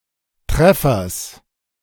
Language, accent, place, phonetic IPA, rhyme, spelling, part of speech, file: German, Germany, Berlin, [ˈtʁɛfɐs], -ɛfɐs, Treffers, noun, De-Treffers.ogg
- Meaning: genitive singular of Treffer